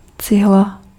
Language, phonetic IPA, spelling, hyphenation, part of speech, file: Czech, [ˈt͡sɪɦla], cihla, cih‧la, noun, Cs-cihla.ogg
- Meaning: brick (block for building)